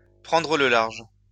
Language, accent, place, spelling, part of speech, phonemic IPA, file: French, France, Lyon, prendre le large, verb, /pʁɑ̃.dʁə lə laʁʒ/, LL-Q150 (fra)-prendre le large.wav
- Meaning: to slip away, to do a bunk, to take flight